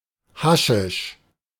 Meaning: hashish
- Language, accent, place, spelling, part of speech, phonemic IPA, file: German, Germany, Berlin, Haschisch, noun, /ˈhaʃɪʃ/, De-Haschisch.ogg